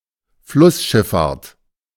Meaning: riverine navigation
- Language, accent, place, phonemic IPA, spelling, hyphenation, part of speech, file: German, Germany, Berlin, /ˈflʊsˌʃɪffaːɐ̯t/, Flussschifffahrt, Fluss‧schiff‧fahrt, noun, De-Flussschifffahrt.ogg